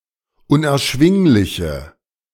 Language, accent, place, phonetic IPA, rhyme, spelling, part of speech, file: German, Germany, Berlin, [ʊnʔɛɐ̯ˈʃvɪŋlɪçə], -ɪŋlɪçə, unerschwingliche, adjective, De-unerschwingliche.ogg
- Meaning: inflection of unerschwinglich: 1. strong/mixed nominative/accusative feminine singular 2. strong nominative/accusative plural 3. weak nominative all-gender singular